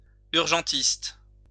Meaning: emergency physician, accident and emergency doctor
- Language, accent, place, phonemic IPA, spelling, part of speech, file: French, France, Lyon, /yʁ.ʒɑ̃.tist/, urgentiste, noun, LL-Q150 (fra)-urgentiste.wav